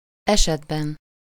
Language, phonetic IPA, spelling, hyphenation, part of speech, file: Hungarian, [ˈɛʃɛdbɛn], esetben, eset‧ben, noun, Hu-esetben.ogg
- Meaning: inessive singular of eset